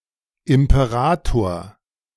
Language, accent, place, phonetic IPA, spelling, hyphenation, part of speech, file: German, Germany, Berlin, [ɪmpeˈʁatoːɐ̯], Imperator, Im‧pe‧ra‧tor, noun, De-Imperator.ogg
- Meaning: imperator